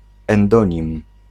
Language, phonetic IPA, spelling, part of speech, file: Polish, [ɛ̃nˈdɔ̃ɲĩm], endonim, noun, Pl-endonim.ogg